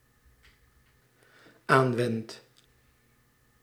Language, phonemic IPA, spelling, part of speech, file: Dutch, /ˈaɱwɛnt/, aanwendt, verb, Nl-aanwendt.ogg
- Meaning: second/third-person singular dependent-clause present indicative of aanwenden